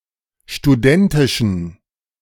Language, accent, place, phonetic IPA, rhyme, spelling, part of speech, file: German, Germany, Berlin, [ʃtuˈdɛntɪʃn̩], -ɛntɪʃn̩, studentischen, adjective, De-studentischen.ogg
- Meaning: inflection of studentisch: 1. strong genitive masculine/neuter singular 2. weak/mixed genitive/dative all-gender singular 3. strong/weak/mixed accusative masculine singular 4. strong dative plural